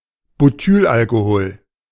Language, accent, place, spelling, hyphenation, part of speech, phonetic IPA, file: German, Germany, Berlin, Butylalkohol, Bu‧tyl‧al‧ko‧hol, noun, [buˈtyːlʔalkoˌhoːl], De-Butylalkohol.ogg
- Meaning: butyl alcohol